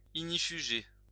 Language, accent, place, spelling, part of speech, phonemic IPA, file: French, France, Lyon, ignifuger, verb, /iɡ.ni.fy.ʒe/, LL-Q150 (fra)-ignifuger.wav
- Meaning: to fireproof